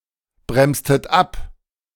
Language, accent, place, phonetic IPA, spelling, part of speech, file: German, Germany, Berlin, [ˌbʁɛmstət ˈap], bremstet ab, verb, De-bremstet ab.ogg
- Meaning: inflection of abbremsen: 1. second-person plural preterite 2. second-person plural subjunctive II